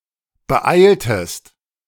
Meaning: inflection of beeilen: 1. second-person singular preterite 2. second-person singular subjunctive II
- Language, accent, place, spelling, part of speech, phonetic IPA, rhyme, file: German, Germany, Berlin, beeiltest, verb, [bəˈʔaɪ̯ltəst], -aɪ̯ltəst, De-beeiltest.ogg